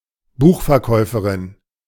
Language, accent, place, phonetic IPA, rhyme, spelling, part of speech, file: German, Germany, Berlin, [ˈbuːxfɛɐ̯ˌkɔɪ̯fəʁɪn], -ɔɪ̯fəʁɪn, Buchverkäuferin, noun, De-Buchverkäuferin.ogg
- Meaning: female equivalent of Buchverkäufer (“bookseller”)